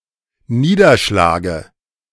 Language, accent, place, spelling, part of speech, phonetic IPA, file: German, Germany, Berlin, Niederschlage, noun, [ˈniːdɐˌʃlaːɡə], De-Niederschlage.ogg
- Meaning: dative singular of Niederschlag